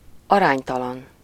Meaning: disproportionate
- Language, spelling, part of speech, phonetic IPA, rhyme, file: Hungarian, aránytalan, adjective, [ˈɒraːɲtɒlɒn], -ɒn, Hu-aránytalan.ogg